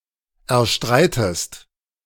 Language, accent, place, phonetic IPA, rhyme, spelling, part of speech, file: German, Germany, Berlin, [ɛɐ̯ˈʃtʁaɪ̯təst], -aɪ̯təst, erstreitest, verb, De-erstreitest.ogg
- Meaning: inflection of erstreiten: 1. second-person singular present 2. second-person singular subjunctive I